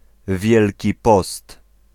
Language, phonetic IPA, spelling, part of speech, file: Polish, [ˈvʲjɛlʲci ˈpɔst], Wielki Post, noun, Pl-Wielki Post.ogg